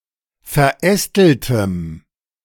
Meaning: strong dative masculine/neuter singular of verästelt
- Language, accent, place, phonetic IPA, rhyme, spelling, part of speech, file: German, Germany, Berlin, [fɛɐ̯ˈʔɛstl̩təm], -ɛstl̩təm, verästeltem, adjective, De-verästeltem.ogg